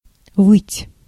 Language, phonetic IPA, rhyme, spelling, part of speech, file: Russian, [vɨtʲ], -ɨtʲ, выть, verb, Ru-выть.ogg
- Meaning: 1. to howl 2. to wail